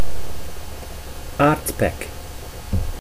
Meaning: mineral pitch, bitumen
- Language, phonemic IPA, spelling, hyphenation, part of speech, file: Dutch, /ˈaːrt.pɛk/, aardpek, aard‧pek, noun, Nl-aardpek.ogg